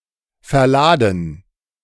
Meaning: 1. to load (place in a vehicle for transport) 2. to take for a ride
- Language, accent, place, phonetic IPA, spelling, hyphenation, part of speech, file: German, Germany, Berlin, [fɛɐ̯ˈlaːdn̩], verladen, ver‧la‧den, verb, De-verladen.ogg